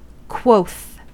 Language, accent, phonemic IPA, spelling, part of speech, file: English, US, /kwoʊθ/, quoth, verb, En-us-quoth.ogg
- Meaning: 1. Said 2. To say